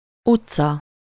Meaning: street
- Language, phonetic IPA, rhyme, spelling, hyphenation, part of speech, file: Hungarian, [ˈut͡sːɒ], -t͡sɒ, utca, ut‧ca, noun, Hu-utca.ogg